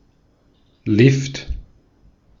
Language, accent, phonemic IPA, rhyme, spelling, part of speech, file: German, Austria, /lɪft/, -ɪft, Lift, noun, De-at-Lift.ogg
- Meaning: 1. lift; elevator (mechanical device for vertically transporting goods or people) 2. Short for certain compounds in which Lift is not dated, especially for Skilift